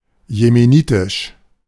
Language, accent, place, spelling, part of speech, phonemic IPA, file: German, Germany, Berlin, jemenitisch, adjective, /jemeˈniːtɪʃ/, De-jemenitisch.ogg
- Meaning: Yemeni, of Yemen